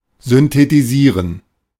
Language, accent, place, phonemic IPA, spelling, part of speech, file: German, Germany, Berlin, /ˌzʏntetiˈziːʁən/, synthetisieren, verb, De-synthetisieren.ogg
- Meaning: to synthesize